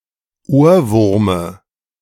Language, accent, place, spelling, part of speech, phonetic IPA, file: German, Germany, Berlin, Ohrwurme, noun, [ˈoːɐ̯ˌvʊʁmə], De-Ohrwurme.ogg
- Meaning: dative of Ohrwurm